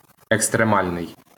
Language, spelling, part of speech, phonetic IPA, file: Ukrainian, екстремальний, adjective, [ekstreˈmalʲnei̯], LL-Q8798 (ukr)-екстремальний.wav
- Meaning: 1. extreme 2. extremal